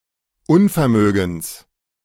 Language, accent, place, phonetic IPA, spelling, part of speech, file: German, Germany, Berlin, [ˈʊnfɛɐ̯ˌmøːɡn̩s], Unvermögens, noun, De-Unvermögens.ogg
- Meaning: genitive singular of Unvermögen